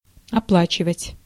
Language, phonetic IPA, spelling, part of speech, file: Russian, [ɐˈpɫat͡ɕɪvətʲ], оплачивать, verb, Ru-оплачивать.ogg
- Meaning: 1. to pay, to repay, to pay off 2. to remunerate